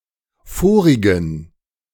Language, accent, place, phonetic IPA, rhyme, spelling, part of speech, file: German, Germany, Berlin, [ˈfoːʁɪɡn̩], -oːʁɪɡn̩, vorigen, adjective, De-vorigen.ogg
- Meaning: inflection of vorig: 1. strong genitive masculine/neuter singular 2. weak/mixed genitive/dative all-gender singular 3. strong/weak/mixed accusative masculine singular 4. strong dative plural